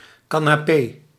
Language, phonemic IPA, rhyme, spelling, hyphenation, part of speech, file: Dutch, /ˌkaː.naːˈpeː/, -eː, canapé, ca‧na‧pé, noun, Nl-canapé.ogg
- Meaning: 1. canapé (food) 2. canapé (furniture)